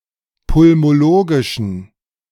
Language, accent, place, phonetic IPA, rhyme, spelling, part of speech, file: German, Germany, Berlin, [pʊlmoˈloːɡɪʃn̩], -oːɡɪʃn̩, pulmologischen, adjective, De-pulmologischen.ogg
- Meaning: inflection of pulmologisch: 1. strong genitive masculine/neuter singular 2. weak/mixed genitive/dative all-gender singular 3. strong/weak/mixed accusative masculine singular 4. strong dative plural